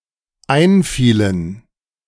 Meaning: inflection of einfallen: 1. first/third-person plural dependent preterite 2. first/third-person plural dependent subjunctive II
- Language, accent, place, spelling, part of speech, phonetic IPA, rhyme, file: German, Germany, Berlin, einfielen, verb, [ˈaɪ̯nˌfiːlən], -aɪ̯nfiːlən, De-einfielen.ogg